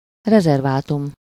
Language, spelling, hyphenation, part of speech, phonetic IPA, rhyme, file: Hungarian, rezervátum, re‧zer‧vá‧tum, noun, [ˈrɛzɛrvaːtum], -um, Hu-rezervátum.ogg
- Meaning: 1. nature reserve, reservation (US), reserve (Canada), preserve (a protected area in nature) 2. reservation (a tract of land set apart by the US government for the use of a Native American people)